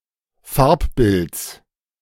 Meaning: genitive of Farbbild
- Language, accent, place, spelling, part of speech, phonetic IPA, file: German, Germany, Berlin, Farbbilds, noun, [ˈfaʁpˌbɪlt͡s], De-Farbbilds.ogg